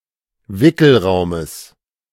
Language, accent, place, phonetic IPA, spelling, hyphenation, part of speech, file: German, Germany, Berlin, [ˈvɪkl̩ˌʁaʊ̯məs], Wickelraumes, Wi‧ckel‧rau‧mes, noun, De-Wickelraumes.ogg
- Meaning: genitive singular of Wickelraum